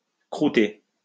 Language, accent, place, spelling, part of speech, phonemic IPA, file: French, France, Lyon, croûter, verb, /kʁu.te/, LL-Q150 (fra)-croûter.wav
- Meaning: 1. to eat 2. to crust (form a crust)